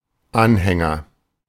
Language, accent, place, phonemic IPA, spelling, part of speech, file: German, Germany, Berlin, /ˈanˌhɛŋɐ/, Anhänger, noun, De-Anhänger.ogg
- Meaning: agent noun of anhängen: 1. follower, fan 2. trailer 3. pendant 4. henchman (a person who serves another only for self-serving reasons)